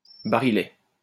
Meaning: 1. small barrel 2. cylinder (of a revolver)
- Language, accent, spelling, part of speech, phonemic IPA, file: French, France, barillet, noun, /ba.ʁi.jɛ/, LL-Q150 (fra)-barillet.wav